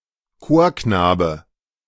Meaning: 1. choirboy 2. harmless, naive or innocent person
- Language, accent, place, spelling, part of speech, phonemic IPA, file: German, Germany, Berlin, Chorknabe, noun, /ˈkoːɐ̯ˌknaːbə/, De-Chorknabe.ogg